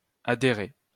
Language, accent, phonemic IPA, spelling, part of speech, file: French, France, /a.de.ʁe/, adhærer, verb, LL-Q150 (fra)-adhærer.wav
- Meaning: obsolete form of adhérer